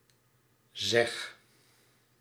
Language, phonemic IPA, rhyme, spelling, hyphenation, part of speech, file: Dutch, /zɛx/, -ɛx, zeg, zeg, verb / interjection, Nl-zeg.ogg
- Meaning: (verb) inflection of zeggen: 1. first-person singular present indicative 2. second-person singular present indicative 3. imperative; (interjection) hey, used to draw the addressed person's attention